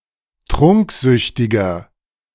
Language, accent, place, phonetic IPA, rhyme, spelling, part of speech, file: German, Germany, Berlin, [ˈtʁʊŋkˌzʏçtɪɡɐ], -ʊŋkzʏçtɪɡɐ, trunksüchtiger, adjective, De-trunksüchtiger.ogg
- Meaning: 1. comparative degree of trunksüchtig 2. inflection of trunksüchtig: strong/mixed nominative masculine singular 3. inflection of trunksüchtig: strong genitive/dative feminine singular